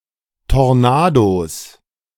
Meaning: plural of Tornado
- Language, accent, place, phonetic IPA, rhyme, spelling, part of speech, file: German, Germany, Berlin, [tɔʁˈnaːdos], -aːdos, Tornados, noun, De-Tornados.ogg